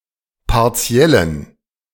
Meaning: inflection of partiell: 1. strong genitive masculine/neuter singular 2. weak/mixed genitive/dative all-gender singular 3. strong/weak/mixed accusative masculine singular 4. strong dative plural
- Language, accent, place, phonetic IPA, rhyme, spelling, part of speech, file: German, Germany, Berlin, [paʁˈt͡si̯ɛlən], -ɛlən, partiellen, adjective, De-partiellen.ogg